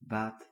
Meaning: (noun) profit, advantage, boon; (verb) inflection of baten: 1. first/second/third-person singular present indicative 2. imperative
- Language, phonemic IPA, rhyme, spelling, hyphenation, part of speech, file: Dutch, /baːt/, -aːt, baat, baat, noun / verb, Nl-baat.ogg